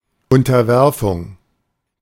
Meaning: 1. subjugation 2. submission 3. surrender
- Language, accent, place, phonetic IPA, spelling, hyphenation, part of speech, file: German, Germany, Berlin, [ˌʊntɐˈvɛʁfʊŋ], Unterwerfung, Un‧ter‧wer‧fung, noun, De-Unterwerfung.ogg